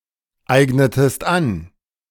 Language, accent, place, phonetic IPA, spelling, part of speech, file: German, Germany, Berlin, [ˌaɪ̯ɡnətəst ˈan], eignetest an, verb, De-eignetest an.ogg
- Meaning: inflection of aneignen: 1. second-person singular preterite 2. second-person singular subjunctive II